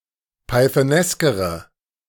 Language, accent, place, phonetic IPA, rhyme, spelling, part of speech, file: German, Germany, Berlin, [paɪ̯θəˈnɛskəʁə], -ɛskəʁə, pythoneskere, adjective, De-pythoneskere.ogg
- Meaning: inflection of pythonesk: 1. strong/mixed nominative/accusative feminine singular comparative degree 2. strong nominative/accusative plural comparative degree